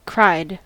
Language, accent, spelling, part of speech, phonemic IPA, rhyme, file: English, US, cried, verb, /kɹaɪd/, -aɪd, En-us-cried.ogg
- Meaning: simple past and past participle of cry